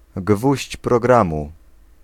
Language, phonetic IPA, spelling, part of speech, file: Polish, [ˈɡvuɕt͡ɕ prɔˈɡrãmu], gwóźdź programu, noun, Pl-gwóźdź programu.ogg